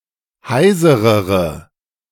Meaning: inflection of heiser: 1. strong/mixed nominative/accusative feminine singular comparative degree 2. strong nominative/accusative plural comparative degree
- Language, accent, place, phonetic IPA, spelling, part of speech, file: German, Germany, Berlin, [ˈhaɪ̯zəʁəʁə], heiserere, adjective, De-heiserere.ogg